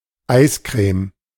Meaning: ice cream
- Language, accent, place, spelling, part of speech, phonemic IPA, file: German, Germany, Berlin, Eiscreme, noun, /ˈʔaɪ̯skʁeːm/, De-Eiscreme.ogg